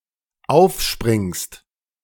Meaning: second-person singular dependent present of aufspringen
- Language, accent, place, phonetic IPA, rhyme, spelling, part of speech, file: German, Germany, Berlin, [ˈaʊ̯fˌʃpʁɪŋst], -aʊ̯fʃpʁɪŋst, aufspringst, verb, De-aufspringst.ogg